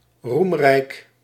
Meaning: glorious, illustrious
- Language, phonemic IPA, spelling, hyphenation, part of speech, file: Dutch, /ˈrum.rɛi̯k/, roemrijk, roem‧rijk, adjective, Nl-roemrijk.ogg